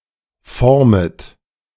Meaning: second-person plural subjunctive I of formen
- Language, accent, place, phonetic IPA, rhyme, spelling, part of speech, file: German, Germany, Berlin, [ˈfɔʁmət], -ɔʁmət, formet, verb, De-formet.ogg